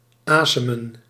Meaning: alternative form of ademen
- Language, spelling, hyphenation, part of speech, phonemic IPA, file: Dutch, asemen, ase‧men, verb, /ˈaːsəmə(n)/, Nl-asemen.ogg